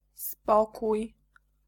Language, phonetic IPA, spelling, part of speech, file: Polish, [ˈspɔkuj], spokój, noun, Pl-spokój.ogg